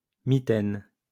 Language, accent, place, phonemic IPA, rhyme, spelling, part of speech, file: French, France, Lyon, /mi.tɛn/, -ɛn, mitaine, noun, LL-Q150 (fra)-mitaine.wav
- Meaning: 1. fingerless glove 2. mitten 3. a protestant church or religious office